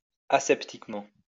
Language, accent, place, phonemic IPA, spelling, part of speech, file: French, France, Lyon, /a.sɛp.tik.mɑ̃/, aseptiquement, adverb, LL-Q150 (fra)-aseptiquement.wav
- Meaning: aseptically